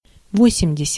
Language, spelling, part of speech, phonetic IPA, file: Russian, восемьдесят, numeral, [ˈvosʲɪmdʲɪsʲɪt], Ru-восемьдесят.ogg
- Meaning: eighty (80)